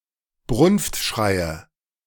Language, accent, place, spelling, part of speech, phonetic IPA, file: German, Germany, Berlin, Brunftschreie, noun, [ˈbʁʊnftˌʃʁaɪ̯ə], De-Brunftschreie.ogg
- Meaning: nominative/accusative/genitive plural of Brunftschrei